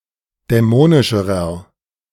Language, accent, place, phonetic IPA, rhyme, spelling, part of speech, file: German, Germany, Berlin, [dɛˈmoːnɪʃəʁɐ], -oːnɪʃəʁɐ, dämonischerer, adjective, De-dämonischerer.ogg
- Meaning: inflection of dämonisch: 1. strong/mixed nominative masculine singular comparative degree 2. strong genitive/dative feminine singular comparative degree 3. strong genitive plural comparative degree